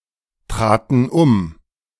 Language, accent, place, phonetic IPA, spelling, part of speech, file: German, Germany, Berlin, [ˌtʁaːtn̩ ˈʊm], traten um, verb, De-traten um.ogg
- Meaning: first/third-person plural preterite of umtreten